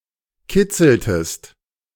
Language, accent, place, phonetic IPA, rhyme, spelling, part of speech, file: German, Germany, Berlin, [ˈkɪt͡sl̩təst], -ɪt͡sl̩təst, kitzeltest, verb, De-kitzeltest.ogg
- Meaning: inflection of kitzeln: 1. second-person singular preterite 2. second-person singular subjunctive II